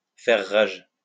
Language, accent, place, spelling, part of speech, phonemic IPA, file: French, France, Lyon, faire rage, verb, /fɛʁ ʁaʒ/, LL-Q150 (fra)-faire rage.wav
- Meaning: to rage (to move with great violence)